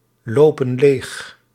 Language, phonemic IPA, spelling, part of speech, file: Dutch, /ˈlopə(n) ˈlex/, lopen leeg, verb, Nl-lopen leeg.ogg
- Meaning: inflection of leeglopen: 1. plural present indicative 2. plural present subjunctive